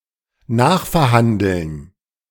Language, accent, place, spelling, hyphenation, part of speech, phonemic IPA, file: German, Germany, Berlin, nachverhandeln, nach‧ver‧han‧deln, verb, /ˈnaːxfɛɐ̯ˌhandl̩n/, De-nachverhandeln.ogg
- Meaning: to renegotiate